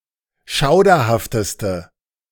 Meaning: inflection of schauderhaft: 1. strong/mixed nominative/accusative feminine singular superlative degree 2. strong nominative/accusative plural superlative degree
- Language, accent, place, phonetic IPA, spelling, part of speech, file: German, Germany, Berlin, [ˈʃaʊ̯dɐhaftəstə], schauderhafteste, adjective, De-schauderhafteste.ogg